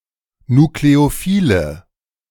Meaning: inflection of nukleophil: 1. strong/mixed nominative/accusative feminine singular 2. strong nominative/accusative plural 3. weak nominative all-gender singular
- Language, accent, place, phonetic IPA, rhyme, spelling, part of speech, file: German, Germany, Berlin, [nukleoˈfiːlə], -iːlə, nukleophile, adjective, De-nukleophile.ogg